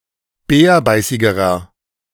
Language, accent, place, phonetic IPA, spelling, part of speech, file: German, Germany, Berlin, [ˈbɛːɐ̯ˌbaɪ̯sɪɡəʁɐ], bärbeißigerer, adjective, De-bärbeißigerer.ogg
- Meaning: inflection of bärbeißig: 1. strong/mixed nominative masculine singular comparative degree 2. strong genitive/dative feminine singular comparative degree 3. strong genitive plural comparative degree